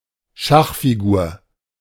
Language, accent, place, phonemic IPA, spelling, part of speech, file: German, Germany, Berlin, /ˈʃaχfiˌɡuːɐ̯/, Schachfigur, noun, De-Schachfigur.ogg
- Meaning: 1. chess piece (any of the 16 white and 16 black pieces used in playing the game of chess) 2. pawn